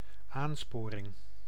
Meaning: 1. encouragement; the act, process or instance of encouraging 2. incentive
- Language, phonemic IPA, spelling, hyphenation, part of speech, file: Dutch, /ˈaːnˌspoː.rɪŋ/, aansporing, aan‧spo‧ring, noun, Nl-aansporing.ogg